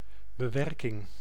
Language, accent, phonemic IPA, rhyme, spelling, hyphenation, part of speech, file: Dutch, Netherlands, /bəˈʋɛr.kɪŋ/, -ɛrkɪŋ, bewerking, be‧wer‧king, noun, Nl-bewerking.ogg
- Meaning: 1. edit 2. operation, calculation